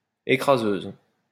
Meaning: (adjective) feminine singular of écraseur; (noun) female equivalent of écraseur
- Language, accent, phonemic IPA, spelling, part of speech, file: French, France, /e.kʁa.zøz/, écraseuse, adjective / noun, LL-Q150 (fra)-écraseuse.wav